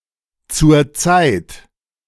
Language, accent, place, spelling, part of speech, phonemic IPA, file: German, Germany, Berlin, zur Zeit, adverb, /t͡sʊʁ ˈt͡saɪ̯t/, De-zur Zeit.ogg
- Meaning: 1. at the time 2. Formerly standard spelling of zurzeit (“currently”) which was deprecated in the spelling reform (Rechtschreibreform) of 1996